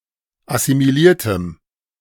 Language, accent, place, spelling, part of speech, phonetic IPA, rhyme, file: German, Germany, Berlin, assimiliertem, adjective, [asimiˈliːɐ̯təm], -iːɐ̯təm, De-assimiliertem.ogg
- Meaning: strong dative masculine/neuter singular of assimiliert